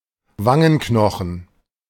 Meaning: cheekbone
- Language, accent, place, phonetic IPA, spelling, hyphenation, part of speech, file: German, Germany, Berlin, [ˈvaŋənˌknɔxn̩], Wangenknochen, Wan‧gen‧kno‧chen, noun, De-Wangenknochen.ogg